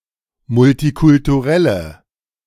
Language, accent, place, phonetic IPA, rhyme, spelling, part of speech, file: German, Germany, Berlin, [mʊltikʊltuˈʁɛlə], -ɛlə, multikulturelle, adjective, De-multikulturelle.ogg
- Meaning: inflection of multikulturell: 1. strong/mixed nominative/accusative feminine singular 2. strong nominative/accusative plural 3. weak nominative all-gender singular